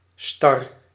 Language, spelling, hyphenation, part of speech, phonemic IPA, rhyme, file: Dutch, star, star, adjective, /stɑr/, -ɑr, Nl-star.ogg
- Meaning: 1. stiff, frozen 2. rigid